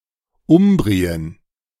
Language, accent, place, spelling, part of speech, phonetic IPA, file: German, Germany, Berlin, Umbrien, proper noun, [ˈʊmbʁiən], De-Umbrien.ogg
- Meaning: Umbria (an administrative region in central Italy)